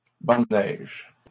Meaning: snowdrift
- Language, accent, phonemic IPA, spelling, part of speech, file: French, Canada, /bɑ̃ d(ə) nɛʒ/, banc de neige, noun, LL-Q150 (fra)-banc de neige.wav